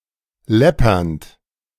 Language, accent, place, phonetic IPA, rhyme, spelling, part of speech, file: German, Germany, Berlin, [ˈlɛpɐnt], -ɛpɐnt, läppernd, verb, De-läppernd.ogg
- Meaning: present participle of läppern